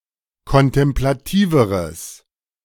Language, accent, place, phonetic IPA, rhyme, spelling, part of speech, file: German, Germany, Berlin, [kɔntɛmplaˈtiːvəʁəs], -iːvəʁəs, kontemplativeres, adjective, De-kontemplativeres.ogg
- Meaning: strong/mixed nominative/accusative neuter singular comparative degree of kontemplativ